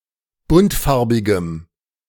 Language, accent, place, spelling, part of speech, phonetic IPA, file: German, Germany, Berlin, buntfarbigem, adjective, [ˈbʊntˌfaʁbɪɡəm], De-buntfarbigem.ogg
- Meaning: strong dative masculine/neuter singular of buntfarbig